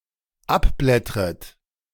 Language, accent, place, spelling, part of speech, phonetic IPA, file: German, Germany, Berlin, abblättret, verb, [ˈapˌblɛtʁət], De-abblättret.ogg
- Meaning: second-person plural dependent subjunctive I of abblättern